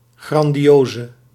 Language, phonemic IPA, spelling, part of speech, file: Dutch, /ˌɣrɑndiˈjozə/, grandioze, adjective, Nl-grandioze.ogg
- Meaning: inflection of grandioos: 1. masculine/feminine singular attributive 2. definite neuter singular attributive 3. plural attributive